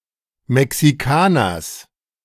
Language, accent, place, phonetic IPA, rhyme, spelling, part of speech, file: German, Germany, Berlin, [mɛksiˈkaːnɐs], -aːnɐs, Mexikaners, noun, De-Mexikaners.ogg
- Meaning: genitive singular of Mexikaner